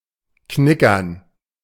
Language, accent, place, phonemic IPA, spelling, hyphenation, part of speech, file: German, Germany, Berlin, /ˈknɪkɐn/, knickern, kni‧ckern, verb, De-knickern.ogg
- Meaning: to be stingy